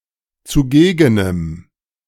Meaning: strong dative masculine/neuter singular of zugegen
- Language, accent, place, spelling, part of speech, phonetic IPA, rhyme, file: German, Germany, Berlin, zugegenem, adjective, [t͡suˈɡeːɡənəm], -eːɡənəm, De-zugegenem.ogg